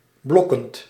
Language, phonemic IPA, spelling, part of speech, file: Dutch, /ˈblɔkənt/, blokkend, verb, Nl-blokkend.ogg
- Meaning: present participle of blokken